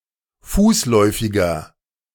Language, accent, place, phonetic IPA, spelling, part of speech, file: German, Germany, Berlin, [ˈfuːsˌlɔɪ̯fɪɡɐ], fußläufiger, adjective, De-fußläufiger.ogg
- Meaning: inflection of fußläufig: 1. strong/mixed nominative masculine singular 2. strong genitive/dative feminine singular 3. strong genitive plural